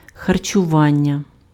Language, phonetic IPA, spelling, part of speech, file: Ukrainian, [xɐrt͡ʃʊˈʋanʲːɐ], харчування, noun, Uk-харчування.ogg
- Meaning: nutrition, nourishment; food